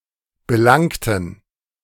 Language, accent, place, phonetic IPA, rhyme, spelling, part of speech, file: German, Germany, Berlin, [bəˈlaŋtn̩], -aŋtn̩, belangten, adjective / verb, De-belangten.ogg
- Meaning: inflection of belangen: 1. first/third-person plural preterite 2. first/third-person plural subjunctive II